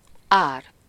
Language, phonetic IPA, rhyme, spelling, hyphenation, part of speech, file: Hungarian, [ˈaːr], -aːr, ár, ár, noun, Hu-ár.ogg
- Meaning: 1. price 2. cost (a negative consequence or loss that occurs or is required to occur) 3. flood 4. high tide, flow (as opposed to the ebb)